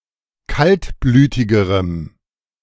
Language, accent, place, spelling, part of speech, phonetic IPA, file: German, Germany, Berlin, kaltblütigerem, adjective, [ˈkaltˌblyːtɪɡəʁəm], De-kaltblütigerem.ogg
- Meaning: strong dative masculine/neuter singular comparative degree of kaltblütig